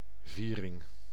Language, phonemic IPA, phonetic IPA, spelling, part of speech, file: Dutch, /ˈvirɪŋ/, [ˈviːrɪŋ], viering, noun, Nl-viering.ogg
- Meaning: 1. celebration 2. cross between the nave and transepts of a church